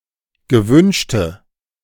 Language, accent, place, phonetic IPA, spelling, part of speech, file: German, Germany, Berlin, [ɡəˈvʏnʃtə], gewünschte, adjective, De-gewünschte.ogg
- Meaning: inflection of gewünscht: 1. strong/mixed nominative/accusative feminine singular 2. strong nominative/accusative plural 3. weak nominative all-gender singular